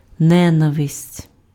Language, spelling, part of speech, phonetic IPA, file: Ukrainian, ненависть, noun, [neˈnaʋesʲtʲ], Uk-ненависть.ogg
- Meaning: hatred, hate